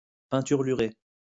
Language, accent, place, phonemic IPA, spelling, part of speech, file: French, France, Lyon, /pɛ̃.tyʁ.ly.ʁe/, peinturlurer, verb, LL-Q150 (fra)-peinturlurer.wav
- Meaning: to daub